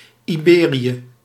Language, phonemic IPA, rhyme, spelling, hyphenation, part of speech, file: Dutch, /iˈbeː.ri.ə/, -eːriə, Iberië, Ibe‧rië, proper noun, Nl-Iberië.ogg
- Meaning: Iberia (a peninsula and region of Europe south of the Pyrenees, consisting of Andorra, Spain, Portugal, and Gibraltar)